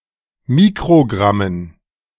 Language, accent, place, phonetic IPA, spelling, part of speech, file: German, Germany, Berlin, [ˈmiːkʁoˌɡʁamən], Mikrogrammen, noun, De-Mikrogrammen.ogg
- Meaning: dative plural of Mikrogramm